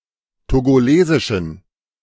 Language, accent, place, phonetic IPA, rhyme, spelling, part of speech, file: German, Germany, Berlin, [toɡoˈleːzɪʃn̩], -eːzɪʃn̩, togolesischen, adjective, De-togolesischen.ogg
- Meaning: inflection of togolesisch: 1. strong genitive masculine/neuter singular 2. weak/mixed genitive/dative all-gender singular 3. strong/weak/mixed accusative masculine singular 4. strong dative plural